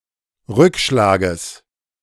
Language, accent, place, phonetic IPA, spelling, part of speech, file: German, Germany, Berlin, [ˈʁʏkˌʃlaːɡəs], Rückschlages, noun, De-Rückschlages.ogg
- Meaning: genitive singular of Rückschlag